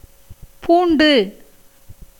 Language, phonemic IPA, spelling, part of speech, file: Tamil, /puːɳɖɯ/, பூண்டு, noun, Ta-பூண்டு.ogg
- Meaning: 1. garlic 2. trace, vestige